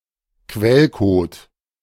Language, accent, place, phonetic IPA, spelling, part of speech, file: German, Germany, Berlin, [ˈkvɛlkoːt], Quellcode, noun, De-Quellcode.ogg
- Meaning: source code